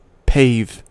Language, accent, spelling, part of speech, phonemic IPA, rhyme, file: English, US, pave, verb, /peɪv/, -eɪv, En-us-pave.ogg
- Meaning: 1. To cover something with paving slabs 2. To cover with stone, concrete, blacktop or other solid covering, especially to aid travel 3. To pave the way for; to make easy and smooth